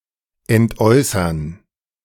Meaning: 1. to give up, to renounce, to relinquish 2. to divest oneself of, to give away
- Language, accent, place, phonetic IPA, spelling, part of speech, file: German, Germany, Berlin, [ɛntˈʔɔɪ̯sɐn], entäußern, verb, De-entäußern.ogg